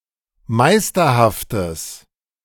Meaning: strong/mixed nominative/accusative neuter singular of meisterhaft
- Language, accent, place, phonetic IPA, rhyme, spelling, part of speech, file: German, Germany, Berlin, [ˈmaɪ̯stɐhaftəs], -aɪ̯stɐhaftəs, meisterhaftes, adjective, De-meisterhaftes.ogg